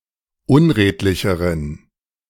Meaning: inflection of unredlich: 1. strong genitive masculine/neuter singular comparative degree 2. weak/mixed genitive/dative all-gender singular comparative degree
- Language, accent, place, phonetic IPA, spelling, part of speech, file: German, Germany, Berlin, [ˈʊnˌʁeːtlɪçəʁən], unredlicheren, adjective, De-unredlicheren.ogg